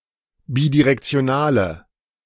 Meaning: inflection of bidirektional: 1. strong/mixed nominative/accusative feminine singular 2. strong nominative/accusative plural 3. weak nominative all-gender singular
- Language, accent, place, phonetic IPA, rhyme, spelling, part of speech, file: German, Germany, Berlin, [ˌbidiʁɛkt͡si̯oˈnaːlə], -aːlə, bidirektionale, adjective, De-bidirektionale.ogg